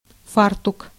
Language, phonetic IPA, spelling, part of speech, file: Russian, [ˈfartʊk], фартук, noun, Ru-фартук.ogg
- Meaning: apron (clothing)